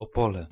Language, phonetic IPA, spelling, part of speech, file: Polish, [ɔˈpɔlɛ], Opole, proper noun, Pl-Opole.ogg